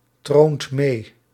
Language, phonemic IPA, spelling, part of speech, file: Dutch, /ˈtront ˈme/, troont mee, verb, Nl-troont mee.ogg
- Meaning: inflection of meetronen: 1. second/third-person singular present indicative 2. plural imperative